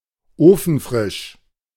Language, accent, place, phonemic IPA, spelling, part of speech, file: German, Germany, Berlin, /ˈoːfn̩ˌfʁɪʃ/, ofenfrisch, adjective, De-ofenfrisch.ogg
- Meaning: oven-fresh (freshly baked)